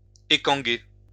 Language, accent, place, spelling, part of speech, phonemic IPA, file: French, France, Lyon, écanguer, verb, /e.kɑ̃.ɡe/, LL-Q150 (fra)-écanguer.wav
- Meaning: to scutch, swingle (hemp or flax)